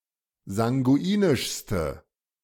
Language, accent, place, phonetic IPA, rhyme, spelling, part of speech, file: German, Germany, Berlin, [zaŋɡuˈiːnɪʃstə], -iːnɪʃstə, sanguinischste, adjective, De-sanguinischste.ogg
- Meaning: inflection of sanguinisch: 1. strong/mixed nominative/accusative feminine singular superlative degree 2. strong nominative/accusative plural superlative degree